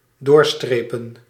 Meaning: to strike through, to put a line through (so as to delete)
- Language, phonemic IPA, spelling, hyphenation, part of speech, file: Dutch, /ˈdoːrˌstreːpə(n)/, doorstrepen, door‧stre‧pen, verb, Nl-doorstrepen.ogg